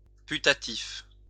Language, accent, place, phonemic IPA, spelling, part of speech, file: French, France, Lyon, /py.ta.tif/, putatif, adjective, LL-Q150 (fra)-putatif.wav
- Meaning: putative, assumed